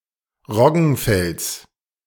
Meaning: genitive singular of Roggenfeld
- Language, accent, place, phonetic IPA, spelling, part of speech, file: German, Germany, Berlin, [ˈʁɔɡn̩ˌfɛlt͡s], Roggenfelds, noun, De-Roggenfelds.ogg